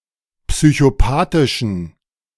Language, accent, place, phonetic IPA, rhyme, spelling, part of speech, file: German, Germany, Berlin, [psyçoˈpaːtɪʃn̩], -aːtɪʃn̩, psychopathischen, adjective, De-psychopathischen.ogg
- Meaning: inflection of psychopathisch: 1. strong genitive masculine/neuter singular 2. weak/mixed genitive/dative all-gender singular 3. strong/weak/mixed accusative masculine singular 4. strong dative plural